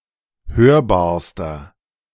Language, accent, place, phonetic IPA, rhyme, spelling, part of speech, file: German, Germany, Berlin, [ˈhøːɐ̯baːɐ̯stɐ], -øːɐ̯baːɐ̯stɐ, hörbarster, adjective, De-hörbarster.ogg
- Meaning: inflection of hörbar: 1. strong/mixed nominative masculine singular superlative degree 2. strong genitive/dative feminine singular superlative degree 3. strong genitive plural superlative degree